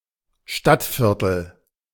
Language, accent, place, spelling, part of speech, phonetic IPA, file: German, Germany, Berlin, Stadtviertel, noun, [ˈʃtatˌfɪʁtl̩], De-Stadtviertel.ogg
- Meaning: district, neighbourhood